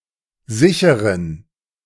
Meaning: inflection of sicher: 1. strong genitive masculine/neuter singular 2. weak/mixed genitive/dative all-gender singular 3. strong/weak/mixed accusative masculine singular 4. strong dative plural
- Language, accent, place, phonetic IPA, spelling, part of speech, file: German, Germany, Berlin, [ˈzɪçəʁən], sicheren, adjective, De-sicheren.ogg